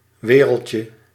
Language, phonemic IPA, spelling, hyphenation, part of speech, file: Dutch, /ˈʋeːrəl.tjə/, wereldje, we‧reld‧je, noun, Nl-wereldje.ogg
- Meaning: diminutive of wereld